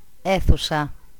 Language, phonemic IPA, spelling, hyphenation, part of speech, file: Greek, /ˈe.θu.sa/, αίθουσα, αί‧θου‧σα, noun, El-αίθουσα.ogg
- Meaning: room, chamber, hall, auditorium (generally large and public)